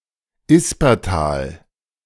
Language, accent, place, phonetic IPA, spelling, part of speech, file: German, Germany, Berlin, [ˈɪspɐˌtaːl], Yspertal, proper noun, De-Yspertal.ogg
- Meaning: a municipality of Lower Austria, Austria